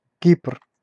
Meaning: Cyprus (an island and country in the Mediterranean Sea, normally considered politically part of Europe but geographically part of West Asia)
- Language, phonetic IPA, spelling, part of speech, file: Russian, [kʲipr], Кипр, proper noun, Ru-Кипр.ogg